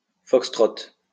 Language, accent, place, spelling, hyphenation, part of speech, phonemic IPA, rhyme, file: French, France, Lyon, fox-trot, fox-trot, noun, /fɔk.stʁɔt/, -ɔt, LL-Q150 (fra)-fox-trot.wav
- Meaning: foxtrot (dance)